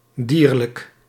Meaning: 1. animal, relating to fauna 2. made of animal(s) (parts), such as furs and edible species 3. beastly, subhuman, inhumane, etc 4. instinctive, primitive
- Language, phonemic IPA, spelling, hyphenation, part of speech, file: Dutch, /ˈdiːr.lək/, dierlijk, dier‧lijk, adjective, Nl-dierlijk.ogg